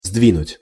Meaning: 1. to shift, to move 2. to make (someone obstinate or lazy) move, to make someone take actions 3. to move objects together
- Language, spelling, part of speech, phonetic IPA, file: Russian, сдвинуть, verb, [ˈzdvʲinʊtʲ], Ru-сдвинуть.ogg